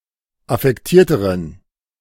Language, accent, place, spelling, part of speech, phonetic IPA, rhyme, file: German, Germany, Berlin, affektierteren, adjective, [afɛkˈtiːɐ̯təʁən], -iːɐ̯təʁən, De-affektierteren.ogg
- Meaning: inflection of affektiert: 1. strong genitive masculine/neuter singular comparative degree 2. weak/mixed genitive/dative all-gender singular comparative degree